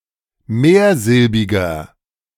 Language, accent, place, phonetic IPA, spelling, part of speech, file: German, Germany, Berlin, [ˈmeːɐ̯ˌzɪlbɪɡɐ], mehrsilbiger, adjective, De-mehrsilbiger.ogg
- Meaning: inflection of mehrsilbig: 1. strong/mixed nominative masculine singular 2. strong genitive/dative feminine singular 3. strong genitive plural